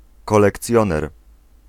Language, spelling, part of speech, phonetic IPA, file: Polish, kolekcjoner, noun, [ˌkɔlɛkˈt͡sʲjɔ̃nɛr], Pl-kolekcjoner.ogg